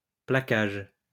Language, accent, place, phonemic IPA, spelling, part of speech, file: French, France, Lyon, /pla.kaʒ/, plaquage, noun, LL-Q150 (fra)-plaquage.wav
- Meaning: 1. plating (adding a plate to e.g. metal) 2. tackle